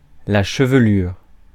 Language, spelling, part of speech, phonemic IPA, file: French, chevelure, noun, /ʃə.v(ə).lyʁ/, Fr-chevelure.ogg
- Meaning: 1. head of hair 2. tail (of a comet)